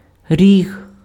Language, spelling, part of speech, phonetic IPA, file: Ukrainian, ріг, noun, [rʲiɦ], Uk-ріг.ogg
- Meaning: 1. horn (object) 2. horn (material) 3. outer corner